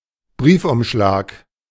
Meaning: envelope (for a letter)
- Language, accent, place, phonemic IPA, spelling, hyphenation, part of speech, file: German, Germany, Berlin, /ˈbʁiːfʔʊmˌʃlaːk/, Briefumschlag, Brief‧um‧schlag, noun, De-Briefumschlag.ogg